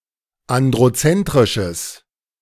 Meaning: strong/mixed nominative/accusative neuter singular of androzentrisch
- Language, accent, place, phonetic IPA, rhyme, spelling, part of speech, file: German, Germany, Berlin, [ˌandʁoˈt͡sɛntʁɪʃəs], -ɛntʁɪʃəs, androzentrisches, adjective, De-androzentrisches.ogg